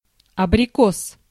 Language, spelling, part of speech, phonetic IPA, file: Russian, абрикос, noun, [ɐbrʲɪˈkos], Ru-абрикос.ogg
- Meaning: 1. apricot (tree or fruit) 2. testicles, balls, nuts, nads, gonad